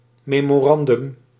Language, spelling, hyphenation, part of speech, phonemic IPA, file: Dutch, memorandum, me‧mo‧ran‧dum, noun, /ˌmeː.moːˈrɑn.dʏm/, Nl-memorandum.ogg
- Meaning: memorandum (reminder, short note)